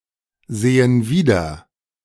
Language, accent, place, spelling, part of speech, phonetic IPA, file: German, Germany, Berlin, sehen wieder, verb, [ˌzeːən ˈviːdɐ], De-sehen wieder.ogg
- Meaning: inflection of wiedersehen: 1. first/third-person plural present 2. first/third-person plural subjunctive I